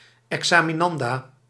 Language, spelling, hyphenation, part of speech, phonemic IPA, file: Dutch, examinanda, exa‧mi‧nan‧da, noun, /ˌɛk.saː.miˈnɑn.daː/, Nl-examinanda.ogg
- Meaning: a woman or girl who takes an exam